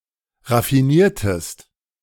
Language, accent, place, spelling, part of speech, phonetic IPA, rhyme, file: German, Germany, Berlin, raffiniertest, verb, [ʁafiˈniːɐ̯təst], -iːɐ̯təst, De-raffiniertest.ogg
- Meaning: inflection of raffinieren: 1. second-person singular preterite 2. second-person singular subjunctive II